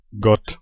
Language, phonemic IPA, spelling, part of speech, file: German, /ɡɔt/, Gott, noun / proper noun, De-Gott.ogg
- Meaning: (noun) god; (proper noun) God